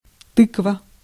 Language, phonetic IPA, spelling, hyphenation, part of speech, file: Russian, [ˈtɨkvə], тыква, тык‧ва, noun, Ru-тыква.ogg
- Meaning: 1. pumpkin, cucurbit 2. gourd 3. head